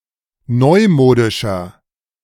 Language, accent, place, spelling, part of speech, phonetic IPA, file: German, Germany, Berlin, neumodischer, adjective, [ˈnɔɪ̯ˌmoːdɪʃɐ], De-neumodischer.ogg
- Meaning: 1. comparative degree of neumodisch 2. inflection of neumodisch: strong/mixed nominative masculine singular 3. inflection of neumodisch: strong genitive/dative feminine singular